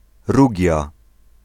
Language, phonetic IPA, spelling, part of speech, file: Polish, [ˈruɟja], Rugia, proper noun, Pl-Rugia.ogg